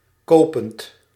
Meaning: present participle of kopen
- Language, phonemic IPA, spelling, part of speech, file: Dutch, /ˈkoːpənt/, kopend, verb, Nl-kopend.ogg